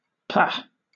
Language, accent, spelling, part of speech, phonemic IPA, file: English, Southern England, pah, interjection, /pæ/, LL-Q1860 (eng)-pah.wav
- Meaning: Used to express distaste, disgust or outrage